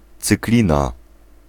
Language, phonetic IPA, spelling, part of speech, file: Polish, [t͡sɨkˈlʲĩna], cyklina, noun, Pl-cyklina.ogg